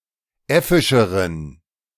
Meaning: inflection of äffisch: 1. strong genitive masculine/neuter singular comparative degree 2. weak/mixed genitive/dative all-gender singular comparative degree
- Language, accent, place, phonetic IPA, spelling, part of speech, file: German, Germany, Berlin, [ˈɛfɪʃəʁən], äffischeren, adjective, De-äffischeren.ogg